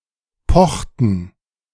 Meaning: inflection of pochen: 1. first/third-person plural preterite 2. first/third-person plural subjunctive II
- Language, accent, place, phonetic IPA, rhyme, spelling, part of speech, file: German, Germany, Berlin, [ˈpɔxtn̩], -ɔxtn̩, pochten, verb, De-pochten.ogg